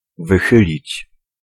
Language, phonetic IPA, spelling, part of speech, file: Polish, [vɨˈxɨlʲit͡ɕ], wychylić, verb, Pl-wychylić.ogg